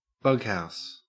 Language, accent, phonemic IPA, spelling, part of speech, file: English, Australia, /ˈbʌɡhaʊs/, bughouse, noun / adjective, En-au-bughouse.ogg
- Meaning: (noun) 1. A flea-infested hotel, lodging-house etc 2. A prison 3. A hospital, especially a lunatic asylum 4. A cheap and dirty cinema 5. Clipping of bughouse chess; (adjective) Crazy, insane